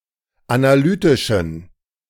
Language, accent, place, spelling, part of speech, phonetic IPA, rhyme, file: German, Germany, Berlin, analytischen, adjective, [anaˈlyːtɪʃn̩], -yːtɪʃn̩, De-analytischen.ogg
- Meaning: inflection of analytisch: 1. strong genitive masculine/neuter singular 2. weak/mixed genitive/dative all-gender singular 3. strong/weak/mixed accusative masculine singular 4. strong dative plural